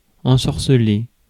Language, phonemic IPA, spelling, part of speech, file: French, /ɑ̃.sɔʁ.sə.le/, ensorceler, verb, Fr-ensorceler.ogg
- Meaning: 1. to ensorcell: to enchant; to cast a spell 2. to captivate; to enchant